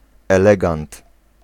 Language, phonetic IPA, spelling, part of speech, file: Polish, [ɛˈlɛɡãnt], elegant, noun, Pl-elegant.ogg